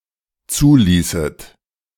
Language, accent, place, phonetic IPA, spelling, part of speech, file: German, Germany, Berlin, [ˈt͡suːˌliːsət], zuließet, verb, De-zuließet.ogg
- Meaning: second-person plural dependent subjunctive II of zulassen